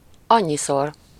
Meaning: so many times, so often
- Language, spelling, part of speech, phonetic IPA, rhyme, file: Hungarian, annyiszor, adverb, [ˈɒɲːisor], -or, Hu-annyiszor.ogg